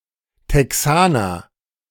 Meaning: a Texan (native or inhabitant of Texas)
- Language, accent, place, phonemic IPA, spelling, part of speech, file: German, Germany, Berlin, /tɛˈksaːnɐ/, Texaner, noun, De-Texaner.ogg